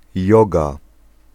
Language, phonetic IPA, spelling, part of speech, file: Polish, [ˈjɔɡa], joga, noun, Pl-joga.ogg